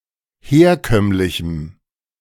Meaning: strong dative masculine/neuter singular of herkömmlich
- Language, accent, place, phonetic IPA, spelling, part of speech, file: German, Germany, Berlin, [ˈheːɐ̯ˌkœmlɪçm̩], herkömmlichem, adjective, De-herkömmlichem.ogg